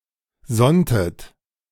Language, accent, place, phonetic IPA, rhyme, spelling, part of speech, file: German, Germany, Berlin, [ˈzɔntət], -ɔntət, sonntet, verb, De-sonntet.ogg
- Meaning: inflection of sonnen: 1. second-person plural preterite 2. second-person plural subjunctive II